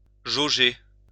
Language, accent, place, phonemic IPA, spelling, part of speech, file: French, France, Lyon, /ʒo.ʒe/, jauger, verb, LL-Q150 (fra)-jauger.wav
- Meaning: to sound (measure); to gauge by sounding